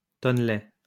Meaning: keg (round wooden container that has a flat top and bottom)
- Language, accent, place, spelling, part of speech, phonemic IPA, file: French, France, Lyon, tonnelet, noun, /tɔn.lɛ/, LL-Q150 (fra)-tonnelet.wav